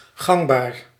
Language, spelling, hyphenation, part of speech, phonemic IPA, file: Dutch, gangbaar, gang‧baar, adjective, /ˈɣɑŋ.baːr/, Nl-gangbaar.ogg
- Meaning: 1. current, in common use; prevailing 2. valid; accepted 3. popular, in demand, commonly sought